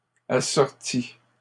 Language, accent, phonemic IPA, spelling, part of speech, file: French, Canada, /a.sɔʁ.ti/, assortis, verb, LL-Q150 (fra)-assortis.wav
- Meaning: masculine plural of assorti